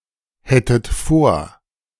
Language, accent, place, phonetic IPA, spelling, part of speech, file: German, Germany, Berlin, [ˌhɛtət ˈfoːɐ̯], hättet vor, verb, De-hättet vor.ogg
- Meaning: second-person plural subjunctive II of vorhaben